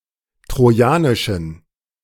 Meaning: inflection of trojanisch: 1. strong genitive masculine/neuter singular 2. weak/mixed genitive/dative all-gender singular 3. strong/weak/mixed accusative masculine singular 4. strong dative plural
- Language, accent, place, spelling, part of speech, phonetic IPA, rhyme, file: German, Germany, Berlin, trojanischen, adjective, [tʁoˈjaːnɪʃn̩], -aːnɪʃn̩, De-trojanischen.ogg